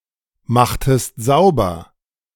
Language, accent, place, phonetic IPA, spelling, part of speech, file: German, Germany, Berlin, [ˌmaxtəst ˈzaʊ̯bɐ], machtest sauber, verb, De-machtest sauber.ogg
- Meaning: inflection of saubermachen: 1. second-person singular preterite 2. second-person singular subjunctive II